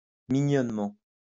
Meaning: cutely; adorably
- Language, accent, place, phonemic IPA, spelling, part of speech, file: French, France, Lyon, /mi.ɲɔn.mɑ̃/, mignonnement, adverb, LL-Q150 (fra)-mignonnement.wav